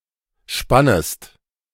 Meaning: second-person singular subjunctive I of spannen
- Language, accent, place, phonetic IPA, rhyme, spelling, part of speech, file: German, Germany, Berlin, [ˈʃpanəst], -anəst, spannest, verb, De-spannest.ogg